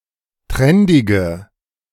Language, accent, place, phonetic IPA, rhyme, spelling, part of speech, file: German, Germany, Berlin, [ˈtʁɛndɪɡə], -ɛndɪɡə, trendige, adjective, De-trendige.ogg
- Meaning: inflection of trendig: 1. strong/mixed nominative/accusative feminine singular 2. strong nominative/accusative plural 3. weak nominative all-gender singular 4. weak accusative feminine/neuter singular